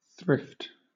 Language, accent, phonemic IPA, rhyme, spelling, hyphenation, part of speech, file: English, Southern England, /ˈθɹɪft/, -ɪft, thrift, thrift, noun / verb, LL-Q1860 (eng)-thrift.wav
- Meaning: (noun) 1. The characteristic of using a minimum of something (especially money) 2. A savings bank 3. Any of various plants of the genus Armeria, particularly Armeria maritima